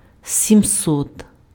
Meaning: seven hundred
- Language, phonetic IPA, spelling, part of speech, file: Ukrainian, [sʲimˈsɔt], сімсот, numeral, Uk-сімсот.ogg